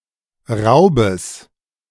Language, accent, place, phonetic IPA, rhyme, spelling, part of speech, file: German, Germany, Berlin, [ˈʁaʊ̯bəs], -aʊ̯bəs, Raubes, noun, De-Raubes.ogg
- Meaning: genitive singular of Raub